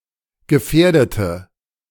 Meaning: inflection of gefährden: 1. first/third-person singular preterite 2. first/third-person singular subjunctive II
- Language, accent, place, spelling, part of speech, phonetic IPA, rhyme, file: German, Germany, Berlin, gefährdete, adjective / verb, [ɡəˈfɛːɐ̯dətə], -ɛːɐ̯dətə, De-gefährdete.ogg